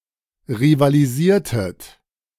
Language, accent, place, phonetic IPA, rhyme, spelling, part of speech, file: German, Germany, Berlin, [ʁivaliˈziːɐ̯tət], -iːɐ̯tət, rivalisiertet, verb, De-rivalisiertet.ogg
- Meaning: inflection of rivalisieren: 1. second-person plural preterite 2. second-person plural subjunctive II